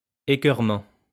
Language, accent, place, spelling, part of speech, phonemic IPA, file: French, France, Lyon, écœurement, noun, /e.kœʁ.mɑ̃/, LL-Q150 (fra)-écœurement.wav
- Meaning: 1. nausea 2. disgust, loathing